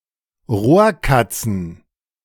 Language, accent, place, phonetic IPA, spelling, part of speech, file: German, Germany, Berlin, [ˈʁoːɐ̯ˌkat͡sn̩], Rohrkatzen, noun, De-Rohrkatzen.ogg
- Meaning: plural of Rohrkatze